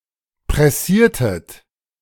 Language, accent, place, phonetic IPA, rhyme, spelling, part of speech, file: German, Germany, Berlin, [pʁɛˈsiːɐ̯tət], -iːɐ̯tət, pressiertet, verb, De-pressiertet.ogg
- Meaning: inflection of pressieren: 1. second-person plural preterite 2. second-person plural subjunctive II